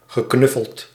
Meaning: past participle of knuffelen
- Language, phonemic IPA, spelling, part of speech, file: Dutch, /ɣəˈknʏfəlt/, geknuffeld, verb, Nl-geknuffeld.ogg